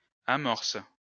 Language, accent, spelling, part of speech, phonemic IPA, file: French, France, amorces, noun, /a.mɔʁs/, LL-Q150 (fra)-amorces.wav
- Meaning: plural of amorce